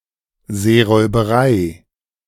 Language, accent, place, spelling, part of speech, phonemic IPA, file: German, Germany, Berlin, Seeräuberei, noun, /ˌzeːʁɔɪ̯bɐˈʁaɪ̯/, De-Seeräuberei.ogg
- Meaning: piracy